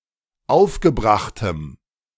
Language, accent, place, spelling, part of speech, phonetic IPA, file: German, Germany, Berlin, aufgebrachtem, adjective, [ˈaʊ̯fɡəˌbʁaxtəm], De-aufgebrachtem.ogg
- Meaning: strong dative masculine/neuter singular of aufgebracht